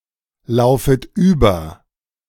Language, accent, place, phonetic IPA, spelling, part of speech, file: German, Germany, Berlin, [ˌlaʊ̯fət ˈyːbɐ], laufet über, verb, De-laufet über.ogg
- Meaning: second-person plural subjunctive I of überlaufen